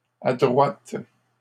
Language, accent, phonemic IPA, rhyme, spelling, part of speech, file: French, Canada, /a.dʁwat/, -at, adroite, adjective, LL-Q150 (fra)-adroite.wav
- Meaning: feminine singular of adroit